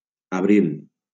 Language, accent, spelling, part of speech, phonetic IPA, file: Catalan, Valencia, abril, noun, [aˈbɾil], LL-Q7026 (cat)-abril.wav
- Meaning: 1. April 2. spring (season) 3. youth (the state of being young)